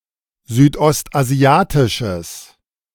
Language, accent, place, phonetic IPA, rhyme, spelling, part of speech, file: German, Germany, Berlin, [zyːtʔɔstʔaˈzi̯aːtɪʃəs], -aːtɪʃəs, südostasiatisches, adjective, De-südostasiatisches.ogg
- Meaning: strong/mixed nominative/accusative neuter singular of südostasiatisch